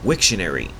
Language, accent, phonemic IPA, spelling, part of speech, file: English, Canada, /ˈwɪk.ʃəˌnɛ.ɹi/, Wiktionary, proper noun, En-ca-wiktionary.ogg
- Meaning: A collaborative project run by the Wikimedia Foundation to produce a free and complete dictionary in every language; the dictionaries, collectively, produced by that project